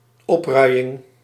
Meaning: 1. insurrection, rebellion 2. sedition, incitement
- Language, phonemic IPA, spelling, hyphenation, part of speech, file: Dutch, /ˈɔpˌrœy̯.ɪŋ/, opruiing, op‧rui‧ing, noun, Nl-opruiing.ogg